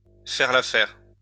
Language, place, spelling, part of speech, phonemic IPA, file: French, Lyon, faire l'affaire, verb, /fɛʁ l‿a.fɛʁ/, LL-Q150 (fra)-faire l'affaire.wav
- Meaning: to do the trick, to do the job, to do, to be enough, sufficient